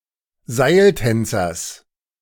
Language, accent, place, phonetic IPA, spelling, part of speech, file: German, Germany, Berlin, [ˈzaɪ̯lˌtɛnt͡sɐs], Seiltänzers, noun, De-Seiltänzers.ogg
- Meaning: genitive singular of Seiltänzer